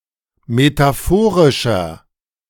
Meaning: inflection of metaphorisch: 1. strong/mixed nominative masculine singular 2. strong genitive/dative feminine singular 3. strong genitive plural
- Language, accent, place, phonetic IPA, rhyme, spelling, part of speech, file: German, Germany, Berlin, [metaˈfoːʁɪʃɐ], -oːʁɪʃɐ, metaphorischer, adjective, De-metaphorischer.ogg